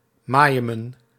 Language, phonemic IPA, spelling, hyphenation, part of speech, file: Dutch, /ˈmaː.jə.mə(n)/, majemen, ma‧je‧men, verb, Nl-majemen.ogg
- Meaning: to rain